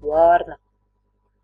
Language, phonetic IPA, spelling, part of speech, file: Latvian, [ˈvāːɾna], vārna, noun, Lv-vārna.ogg
- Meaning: crow (several species of passerine birds of genus Corvus, esp. Corvus corone and Corvus cornix, with black or grayish black feathers)